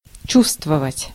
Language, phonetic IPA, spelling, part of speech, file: Russian, [ˈt͡ɕustvəvətʲ], чувствовать, verb, Ru-чувствовать.ogg
- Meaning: to feel (something)